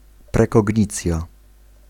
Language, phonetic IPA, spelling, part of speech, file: Polish, [ˌprɛkɔɟˈɲit͡sʲja], prekognicja, noun, Pl-prekognicja.ogg